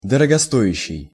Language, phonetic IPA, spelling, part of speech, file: Russian, [dərəɡɐˈsto(j)ɪɕːɪj], дорогостоящий, adjective, Ru-дорогостоящий.ogg
- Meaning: high-priced, expensive